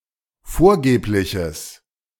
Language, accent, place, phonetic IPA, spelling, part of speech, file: German, Germany, Berlin, [ˈfoːɐ̯ˌɡeːplɪçəs], vorgebliches, adjective, De-vorgebliches.ogg
- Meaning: strong/mixed nominative/accusative neuter singular of vorgeblich